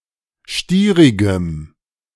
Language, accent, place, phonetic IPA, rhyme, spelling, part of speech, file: German, Germany, Berlin, [ˈʃtiːʁɪɡəm], -iːʁɪɡəm, stierigem, adjective, De-stierigem.ogg
- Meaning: strong dative masculine/neuter singular of stierig